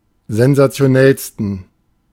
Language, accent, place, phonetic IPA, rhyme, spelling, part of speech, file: German, Germany, Berlin, [zɛnzat͡si̯oˈnɛlstn̩], -ɛlstn̩, sensationellsten, adjective, De-sensationellsten.ogg
- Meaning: 1. superlative degree of sensationell 2. inflection of sensationell: strong genitive masculine/neuter singular superlative degree